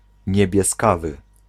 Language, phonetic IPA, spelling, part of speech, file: Polish, [ˌɲɛbʲjɛˈskavɨ], niebieskawy, adjective, Pl-niebieskawy.ogg